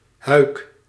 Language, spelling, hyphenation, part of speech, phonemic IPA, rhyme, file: Dutch, huik, huik, noun / verb, /ɦœy̯k/, -œy̯k, Nl-huik.ogg
- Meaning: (noun) 1. sleeveless cape or coat 2. canvas cover 3. calyptra; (verb) inflection of huiken: 1. first-person singular present indicative 2. second-person singular present indicative 3. imperative